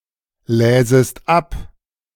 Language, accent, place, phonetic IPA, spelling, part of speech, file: German, Germany, Berlin, [ˌlɛːzəst ˈap], läsest ab, verb, De-läsest ab.ogg
- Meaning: second-person singular subjunctive I of ablesen